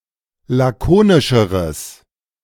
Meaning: strong/mixed nominative/accusative neuter singular comparative degree of lakonisch
- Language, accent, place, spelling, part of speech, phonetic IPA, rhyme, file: German, Germany, Berlin, lakonischeres, adjective, [ˌlaˈkoːnɪʃəʁəs], -oːnɪʃəʁəs, De-lakonischeres.ogg